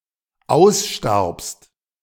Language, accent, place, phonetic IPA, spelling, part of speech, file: German, Germany, Berlin, [ˈaʊ̯sˌʃtaʁpst], ausstarbst, verb, De-ausstarbst.ogg
- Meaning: second-person singular dependent preterite of aussterben